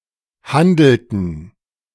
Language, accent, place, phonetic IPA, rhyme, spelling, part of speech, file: German, Germany, Berlin, [ˈhandl̩tn̩], -andl̩tn̩, handelten, verb, De-handelten.ogg
- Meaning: inflection of handeln: 1. first/third-person plural preterite 2. first/third-person plural subjunctive II